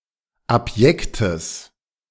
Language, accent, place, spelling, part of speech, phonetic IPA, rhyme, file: German, Germany, Berlin, abjektes, adjective, [apˈjɛktəs], -ɛktəs, De-abjektes.ogg
- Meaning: strong/mixed nominative/accusative neuter singular of abjekt